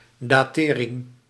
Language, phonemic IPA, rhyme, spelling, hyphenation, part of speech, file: Dutch, /ˌdaːˈteː.rɪŋ/, -eːrɪŋ, datering, da‧te‧ring, noun, Nl-datering.ogg
- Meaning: dating (process of estimating the age of something)